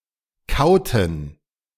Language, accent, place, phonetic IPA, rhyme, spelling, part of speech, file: German, Germany, Berlin, [ˈkaʊ̯tn̩], -aʊ̯tn̩, kauten, verb, De-kauten.ogg
- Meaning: inflection of kauen: 1. first/third-person plural preterite 2. first/third-person plural subjunctive II